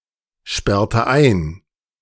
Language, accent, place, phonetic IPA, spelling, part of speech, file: German, Germany, Berlin, [ˌʃpɛʁtə ˈaɪ̯n], sperrte ein, verb, De-sperrte ein.ogg
- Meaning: inflection of einsperren: 1. first/third-person singular preterite 2. first/third-person singular subjunctive II